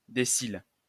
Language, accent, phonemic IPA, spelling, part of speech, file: French, France, /de.sil/, décile, noun, LL-Q150 (fra)-décile.wav
- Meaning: decile